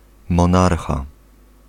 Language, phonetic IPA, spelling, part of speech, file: Polish, [mɔ̃ˈnarxa], monarcha, noun, Pl-monarcha.ogg